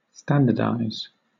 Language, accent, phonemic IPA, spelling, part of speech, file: English, Southern England, /ˈstæn.də.daɪz/, standardize, verb, LL-Q1860 (eng)-standardize.wav
- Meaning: American and Oxford British standard spelling of standardise